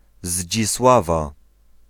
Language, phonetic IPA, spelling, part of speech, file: Polish, [ʑd͡ʑisˈwava], Zdzisława, proper noun / noun, Pl-Zdzisława.ogg